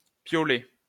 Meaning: ice axe, piolet
- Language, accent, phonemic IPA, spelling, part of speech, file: French, France, /pjɔ.lɛ/, piolet, noun, LL-Q150 (fra)-piolet.wav